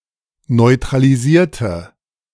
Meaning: inflection of neutralisieren: 1. first/third-person singular preterite 2. first/third-person singular subjunctive II
- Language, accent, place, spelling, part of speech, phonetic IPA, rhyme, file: German, Germany, Berlin, neutralisierte, adjective / verb, [nɔɪ̯tʁaliˈziːɐ̯tə], -iːɐ̯tə, De-neutralisierte.ogg